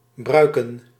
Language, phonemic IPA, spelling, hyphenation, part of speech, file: Dutch, /ˈbrœy̯kə(n)/, bruiken, brui‧ken, verb, Nl-bruiken.ogg
- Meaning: to make use of, to use, to have use for